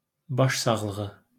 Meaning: condolences
- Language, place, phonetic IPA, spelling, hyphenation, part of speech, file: Azerbaijani, Baku, [ˌbɑʃsɑɣɫɯˈɣɯ], başsağlığı, baş‧sağ‧lı‧ğı, noun, LL-Q9292 (aze)-başsağlığı.wav